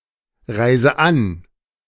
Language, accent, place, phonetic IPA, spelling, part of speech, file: German, Germany, Berlin, [ˌʁaɪ̯zə ˈan], reise an, verb, De-reise an.ogg
- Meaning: inflection of anreisen: 1. first-person singular present 2. first/third-person singular subjunctive I 3. singular imperative